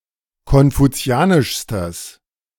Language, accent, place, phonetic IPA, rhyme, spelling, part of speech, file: German, Germany, Berlin, [kɔnfuˈt͡si̯aːnɪʃstəs], -aːnɪʃstəs, konfuzianischstes, adjective, De-konfuzianischstes.ogg
- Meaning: strong/mixed nominative/accusative neuter singular superlative degree of konfuzianisch